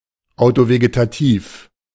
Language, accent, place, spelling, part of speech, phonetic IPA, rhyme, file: German, Germany, Berlin, autovegetativ, adjective, [aʊ̯toveɡetaˈtiːf], -iːf, De-autovegetativ.ogg
- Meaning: autovegetative